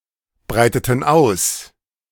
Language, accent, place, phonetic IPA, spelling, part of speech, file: German, Germany, Berlin, [ˌbʁaɪ̯tətn̩ ˈaʊ̯s], breiteten aus, verb, De-breiteten aus.ogg
- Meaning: inflection of ausbreiten: 1. first/third-person plural preterite 2. first/third-person plural subjunctive II